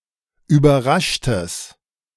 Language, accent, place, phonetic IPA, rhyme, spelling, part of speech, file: German, Germany, Berlin, [yːbɐˈʁaʃtəs], -aʃtəs, überraschtes, adjective, De-überraschtes.ogg
- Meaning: strong/mixed nominative/accusative neuter singular of überrascht